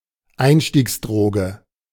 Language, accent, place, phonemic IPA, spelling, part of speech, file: German, Germany, Berlin, /ˈaɪ̯nʃtiːksˌdʁoːɡə/, Einstiegsdroge, noun, De-Einstiegsdroge.ogg
- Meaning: gateway drug